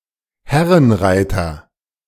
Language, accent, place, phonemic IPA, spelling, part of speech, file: German, Germany, Berlin, /ˈhɛʁənˌʁaɪ̯tɐ/, Herrenreiter, noun, De-Herrenreiter.ogg
- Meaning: gentleman rider